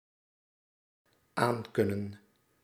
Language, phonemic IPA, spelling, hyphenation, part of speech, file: Dutch, /ˈaːŋkʏnə(n)/, aankunnen, aan‧kun‧nen, verb, Nl-aankunnen.ogg
- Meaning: to be able to handle, to be able to take